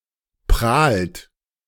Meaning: inflection of prahlen: 1. third-person singular present 2. second-person plural present 3. plural imperative
- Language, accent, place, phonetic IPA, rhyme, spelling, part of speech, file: German, Germany, Berlin, [pʁaːlt], -aːlt, prahlt, verb, De-prahlt.ogg